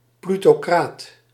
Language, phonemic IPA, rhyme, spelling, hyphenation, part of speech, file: Dutch, /ˌply.toːˈkraːt/, -aːt, plutocraat, plu‧to‧craat, noun, Nl-plutocraat.ogg
- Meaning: plutocrat